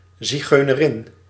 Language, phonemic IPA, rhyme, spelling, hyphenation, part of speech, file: Dutch, /ziˌɣøː.nəˈrɪn/, -ɪn, zigeunerin, zi‧geu‧ne‧rin, noun, Nl-zigeunerin.ogg
- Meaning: a female Gypsy